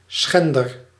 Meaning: alternative form of schenner
- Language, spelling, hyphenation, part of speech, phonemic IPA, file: Dutch, schender, schen‧der, noun, /ˈsxɛn.dər/, Nl-schender.ogg